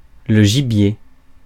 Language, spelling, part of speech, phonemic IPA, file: French, gibier, noun, /ʒi.bje/, Fr-gibier.ogg
- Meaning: game (wild animal hunted for food)